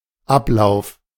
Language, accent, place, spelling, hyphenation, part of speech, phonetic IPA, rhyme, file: German, Germany, Berlin, Ablauf, Ab‧lauf, noun, [ˈʔaplaʊ̯f], -aʊ̯f, De-Ablauf.ogg
- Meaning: 1. process, procedure 2. expiry, expiration 3. flow, course